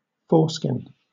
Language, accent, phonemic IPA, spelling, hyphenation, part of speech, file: English, Southern England, /ˈfɔːskɪn/, foreskin, fore‧skin, noun / verb, LL-Q1860 (eng)-foreskin.wav
- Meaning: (noun) 1. The nerve-dense, retractable fold of skin which covers and protects the glans of the penis in humans and some other mammals 2. Ellipsis of clitoral foreskin; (verb) To remove the foreskin